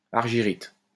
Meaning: argentite
- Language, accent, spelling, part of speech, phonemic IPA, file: French, France, argyrite, noun, /aʁ.ʒi.ʁit/, LL-Q150 (fra)-argyrite.wav